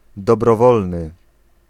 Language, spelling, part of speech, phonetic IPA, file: Polish, dobrowolny, adjective, [ˌdɔbrɔˈvɔlnɨ], Pl-dobrowolny.ogg